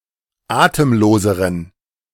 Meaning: inflection of atemlos: 1. strong genitive masculine/neuter singular comparative degree 2. weak/mixed genitive/dative all-gender singular comparative degree
- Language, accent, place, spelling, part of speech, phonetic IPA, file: German, Germany, Berlin, atemloseren, adjective, [ˈaːtəmˌloːzəʁən], De-atemloseren.ogg